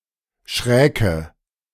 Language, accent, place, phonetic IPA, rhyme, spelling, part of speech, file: German, Germany, Berlin, [ˈʃʁɛːkə], -ɛːkə, schräke, verb, De-schräke.ogg
- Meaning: first/third-person singular subjunctive II of schrecken